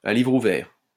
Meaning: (adverb) 1. off the cuff, without preparation 2. in all transparency, with absolute transparency; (adjective) open-book (in which students are allowed to refer to class notes and other documents)
- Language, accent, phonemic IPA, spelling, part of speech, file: French, France, /a livʁ u.vɛʁ/, à livre ouvert, adverb / adjective, LL-Q150 (fra)-à livre ouvert.wav